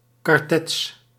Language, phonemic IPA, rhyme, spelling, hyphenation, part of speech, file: Dutch, /kɑrˈtɛts/, -ɛts, kartets, kar‧tets, noun, Nl-kartets.ogg
- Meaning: a shrapnel cartridge or shell